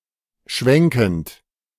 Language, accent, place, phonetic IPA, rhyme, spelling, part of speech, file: German, Germany, Berlin, [ˈʃvɛŋkn̩t], -ɛŋkn̩t, schwenkend, verb, De-schwenkend.ogg
- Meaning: present participle of schwenken